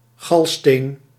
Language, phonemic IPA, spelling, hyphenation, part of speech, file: Dutch, /ˈɣɑl.steːn/, galsteen, gal‧steen, noun, Nl-galsteen.ogg
- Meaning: gallstone